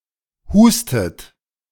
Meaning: inflection of husten: 1. third-person singular present 2. second-person plural present 3. second-person plural subjunctive I 4. plural imperative
- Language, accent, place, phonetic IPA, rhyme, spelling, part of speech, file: German, Germany, Berlin, [ˈhuːstət], -uːstət, hustet, verb, De-hustet.ogg